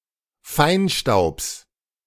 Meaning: genitive singular of Feinstaub
- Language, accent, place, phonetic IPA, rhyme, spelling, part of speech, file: German, Germany, Berlin, [ˈfaɪ̯nˌʃtaʊ̯ps], -aɪ̯nʃtaʊ̯ps, Feinstaubs, noun, De-Feinstaubs.ogg